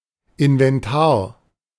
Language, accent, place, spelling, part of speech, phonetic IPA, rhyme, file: German, Germany, Berlin, Inventar, noun, [ɪnvɛnˈtaːɐ̯], -aːɐ̯, De-Inventar.ogg
- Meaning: 1. inventory 2. stock